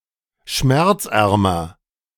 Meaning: comparative degree of schmerzarm
- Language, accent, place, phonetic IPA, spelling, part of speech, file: German, Germany, Berlin, [ˈʃmɛʁt͡sˌʔɛʁmɐ], schmerzärmer, adjective, De-schmerzärmer.ogg